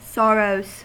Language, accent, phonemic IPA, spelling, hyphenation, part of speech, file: English, US, /ˈsɑɹoʊz/, sorrows, sor‧rows, noun / verb, En-us-sorrows.ogg
- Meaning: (noun) plural of sorrow; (verb) third-person singular simple present indicative of sorrow